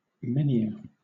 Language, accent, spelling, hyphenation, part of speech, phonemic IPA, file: English, Southern England, menhir, men‧hir, noun, /ˈmɛnhɪə/, LL-Q1860 (eng)-menhir.wav
- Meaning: A single tall standing stone as a monument, especially one dating to prehistoric times